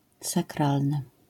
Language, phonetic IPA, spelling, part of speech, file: Polish, [saˈkralnɨ], sakralny, adjective, LL-Q809 (pol)-sakralny.wav